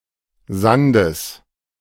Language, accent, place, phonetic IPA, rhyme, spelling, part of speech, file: German, Germany, Berlin, [ˈzandəs], -andəs, Sandes, noun, De-Sandes.ogg
- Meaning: genitive singular of Sand